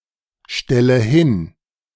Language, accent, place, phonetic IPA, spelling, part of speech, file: German, Germany, Berlin, [ˌʃtɛlə ˈhɪn], stelle hin, verb, De-stelle hin.ogg
- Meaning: inflection of hinstellen: 1. first-person singular present 2. first/third-person singular subjunctive I 3. singular imperative